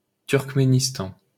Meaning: Turkmenistan (a country in Central Asia)
- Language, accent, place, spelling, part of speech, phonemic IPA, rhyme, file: French, France, Paris, Turkménistan, proper noun, /tyʁk.me.nis.tɑ̃/, -ɑ̃, LL-Q150 (fra)-Turkménistan.wav